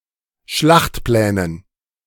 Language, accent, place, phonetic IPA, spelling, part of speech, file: German, Germany, Berlin, [ˈʃlaxtˌplɛːnən], Schlachtplänen, noun, De-Schlachtplänen.ogg
- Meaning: dative plural of Schlachtplan